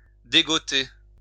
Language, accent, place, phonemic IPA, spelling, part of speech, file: French, France, Lyon, /de.ɡɔ.te/, dégoter, verb, LL-Q150 (fra)-dégoter.wav
- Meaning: to dig up